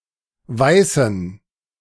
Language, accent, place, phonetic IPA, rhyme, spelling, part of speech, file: German, Germany, Berlin, [ˈvaɪ̯sn̩], -aɪ̯sn̩, Weißen, noun, De-Weißen.ogg
- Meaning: inflection of Weißer: 1. strong genitive/accusative singular 2. strong dative plural 3. weak/mixed genitive/dative/accusative singular 4. weak/mixed all-case plural